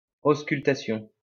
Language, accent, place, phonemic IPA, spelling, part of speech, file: French, France, Lyon, /os.kyl.ta.sjɔ̃/, auscultation, noun, LL-Q150 (fra)-auscultation.wav
- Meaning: auscultation